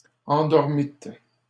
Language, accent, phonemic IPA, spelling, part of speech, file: French, Canada, /ɑ̃.dɔʁ.mit/, endormîtes, verb, LL-Q150 (fra)-endormîtes.wav
- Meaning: second-person plural past historic of endormir